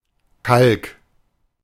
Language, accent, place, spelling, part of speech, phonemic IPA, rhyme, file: German, Germany, Berlin, Kalk, noun, /kalk/, -alk, De-Kalk.ogg
- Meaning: 1. lime (general term for inorganic materials containing calcium) 2. limescale, scale (calcium deposit) 3. chalk 4. limestone (calcium rock)